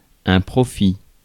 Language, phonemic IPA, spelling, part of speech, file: French, /pʁɔ.fi/, profit, noun, Fr-profit.ogg
- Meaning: profit, benefit